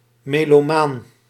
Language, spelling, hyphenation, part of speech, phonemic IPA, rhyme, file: Dutch, melomaan, me‧lo‧maan, noun, /ˌmeː.loːˈmaːn/, -aːn, Nl-melomaan.ogg
- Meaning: melomaniac (music lover)